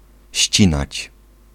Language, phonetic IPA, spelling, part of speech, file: Polish, [ˈɕt͡ɕĩnat͡ɕ], ścinać, verb, Pl-ścinać.ogg